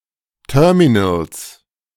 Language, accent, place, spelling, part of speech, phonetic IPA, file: German, Germany, Berlin, Terminals, noun, [ˈtœːɐ̯minl̩s], De-Terminals.ogg
- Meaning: 1. genitive singular of Terminal 2. plural of Terminal